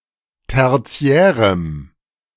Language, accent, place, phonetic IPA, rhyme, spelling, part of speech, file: German, Germany, Berlin, [ˌtɛʁˈt͡si̯ɛːʁəm], -ɛːʁəm, tertiärem, adjective, De-tertiärem.ogg
- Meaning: strong dative masculine/neuter singular of tertiär